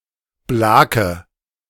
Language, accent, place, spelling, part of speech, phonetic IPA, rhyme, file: German, Germany, Berlin, blake, verb, [ˈblaːkə], -aːkə, De-blake.ogg
- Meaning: inflection of blaken: 1. first-person singular present 2. first/third-person singular subjunctive I 3. singular imperative